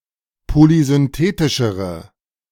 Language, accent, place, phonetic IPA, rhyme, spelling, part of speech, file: German, Germany, Berlin, [polizʏnˈteːtɪʃəʁə], -eːtɪʃəʁə, polysynthetischere, adjective, De-polysynthetischere.ogg
- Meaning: inflection of polysynthetisch: 1. strong/mixed nominative/accusative feminine singular comparative degree 2. strong nominative/accusative plural comparative degree